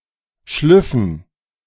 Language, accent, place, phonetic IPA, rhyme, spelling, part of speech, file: German, Germany, Berlin, [ˈʃlʏfn̩], -ʏfn̩, Schlüffen, noun, De-Schlüffen.ogg
- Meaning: dative plural of Schluff